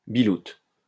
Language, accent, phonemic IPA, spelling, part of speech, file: French, France, /bi.lut/, biloute, noun, LL-Q150 (fra)-biloute.wav
- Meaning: 1. cock, penis 2. male friend